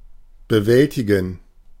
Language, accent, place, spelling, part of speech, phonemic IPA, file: German, Germany, Berlin, bewältigen, verb, /bəˈvɛlˌtɪɡn̩/, De-bewältigen.ogg
- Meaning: to handle, to cope with, to get over, to overcome (a challenge or problem, especially when doing so requires a significant effort)